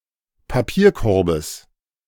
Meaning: genitive singular of Papierkorb
- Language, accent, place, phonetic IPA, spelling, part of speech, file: German, Germany, Berlin, [paˈpiːɐ̯ˌkɔʁbəs], Papierkorbes, noun, De-Papierkorbes.ogg